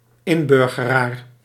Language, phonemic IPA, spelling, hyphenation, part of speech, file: Dutch, /ˈɪnˌbʏr.ɣə.raːr/, inburgeraar, in‧bur‧ge‧raar, noun, Nl-inburgeraar.ogg
- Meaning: one who integrates (into a different society)